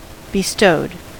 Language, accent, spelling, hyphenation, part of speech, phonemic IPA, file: English, US, bestowed, be‧stowed, verb, /bɪˈstoʊd/, En-us-bestowed.ogg
- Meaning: simple past and past participle of bestow